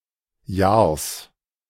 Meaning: genitive singular of Jahr
- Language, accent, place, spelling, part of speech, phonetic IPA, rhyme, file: German, Germany, Berlin, Jahrs, noun, [jaːɐ̯s], -aːɐ̯s, De-Jahrs.ogg